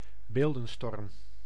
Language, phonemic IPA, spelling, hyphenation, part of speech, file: Dutch, /ˈbeːl.də(n)ˌstɔrm/, beeldenstorm, beel‧den‧storm, noun, Nl-beeldenstorm.ogg
- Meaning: iconoclasm (destruction or removal of statues and images)